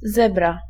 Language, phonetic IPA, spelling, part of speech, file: Polish, [ˈzɛbra], zebra, noun, Pl-zebra.ogg